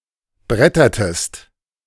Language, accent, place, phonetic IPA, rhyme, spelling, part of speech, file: German, Germany, Berlin, [ˈbʁɛtɐtəst], -ɛtɐtəst, brettertest, verb, De-brettertest.ogg
- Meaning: inflection of brettern: 1. second-person singular preterite 2. second-person singular subjunctive II